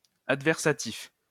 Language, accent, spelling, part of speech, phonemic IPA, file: French, France, adversatif, adjective, /ad.vɛʁ.sa.tif/, LL-Q150 (fra)-adversatif.wav
- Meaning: adversative